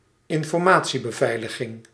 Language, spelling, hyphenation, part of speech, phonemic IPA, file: Dutch, informatiebeveiliging, in‧for‧ma‧tie‧be‧vei‧li‧ging, noun, /ɪn.fɔrˈmaː.(t)si.bəˌvɛi̯ləɣɪŋ/, Nl-informatiebeveiliging.ogg
- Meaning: information security